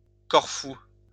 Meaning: 1. Corfu (an island of Greece) 2. Corfu (a city in Greece)
- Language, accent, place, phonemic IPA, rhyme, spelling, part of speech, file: French, France, Lyon, /kɔʁ.fu/, -u, Corfou, proper noun, LL-Q150 (fra)-Corfou.wav